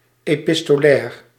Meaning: epistolary
- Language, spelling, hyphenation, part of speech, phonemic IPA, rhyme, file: Dutch, epistolair, epis‧to‧lair, adjective, /eː.pɪs.toːˈlɛːr/, -ɛːr, Nl-epistolair.ogg